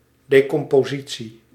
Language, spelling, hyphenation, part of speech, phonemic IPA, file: Dutch, decompositie, de‧com‧po‧si‧tie, noun, /ˌdeː.kɔm.poːˈzi.(t)si/, Nl-decompositie.ogg
- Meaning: 1. decomposition 2. structural decomposition